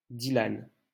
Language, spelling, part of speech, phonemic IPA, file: French, Dylan, proper noun, /di.lan/, LL-Q150 (fra)-Dylan.wav
- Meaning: a male given name from Welsh, popular in the 1990s